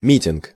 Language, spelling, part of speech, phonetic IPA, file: Russian, митинг, noun, [ˈmʲitʲɪnk], Ru-митинг.ogg
- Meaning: rally, mass meeting (a demonstration; an event where people gather together to protest against a given cause or express solidarity)